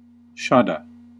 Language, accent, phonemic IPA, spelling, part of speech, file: English, US, /ˈʃɑ.dɑ/, shadda, noun, En-us-shadda.ogg
- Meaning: A diacritic (◌ّ) used in the Arabic script to indicate gemination of a consonant